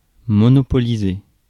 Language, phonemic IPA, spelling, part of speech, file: French, /mɔ.nɔ.pɔ.li.ze/, monopoliser, verb, Fr-monopoliser.ogg
- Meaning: to monopolize (have a monopoly)